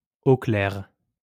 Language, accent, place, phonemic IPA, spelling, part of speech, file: French, France, Lyon, /o klɛʁ/, au clair, prepositional phrase, LL-Q150 (fra)-au clair.wav
- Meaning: clear (free of doubt, who has understood the situation clearly)